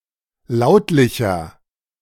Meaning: inflection of lautlich: 1. strong/mixed nominative masculine singular 2. strong genitive/dative feminine singular 3. strong genitive plural
- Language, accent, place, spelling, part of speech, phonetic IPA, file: German, Germany, Berlin, lautlicher, adjective, [ˈlaʊ̯tlɪçɐ], De-lautlicher.ogg